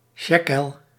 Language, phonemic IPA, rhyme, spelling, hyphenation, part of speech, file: Dutch, /ˈʃeː.kəl/, -eːkəl, sjekel, sje‧kel, noun, Nl-sjekel.ogg
- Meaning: 1. shekel, ancient Israelite unit of weight 2. shekel, ancient Judean monetary unit 3. shekel, modern Israeli monetary unit